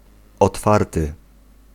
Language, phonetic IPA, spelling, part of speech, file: Polish, [ɔtˈfartɨ], otwarty, verb / adjective, Pl-otwarty.ogg